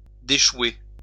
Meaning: "to get off, to set afloat (a ship that is aground)"
- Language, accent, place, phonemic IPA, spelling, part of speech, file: French, France, Lyon, /de.ʃwe/, déchouer, verb, LL-Q150 (fra)-déchouer.wav